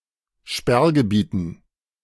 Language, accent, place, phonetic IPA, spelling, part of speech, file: German, Germany, Berlin, [ˈʃpɛʁɡəˌbiːtn̩], Sperrgebieten, noun, De-Sperrgebieten.ogg
- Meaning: dative plural of Sperrgebiet